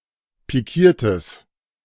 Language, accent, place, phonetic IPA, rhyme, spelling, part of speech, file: German, Germany, Berlin, [piˈkiːɐ̯təs], -iːɐ̯təs, pikiertes, adjective, De-pikiertes.ogg
- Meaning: strong/mixed nominative/accusative neuter singular of pikiert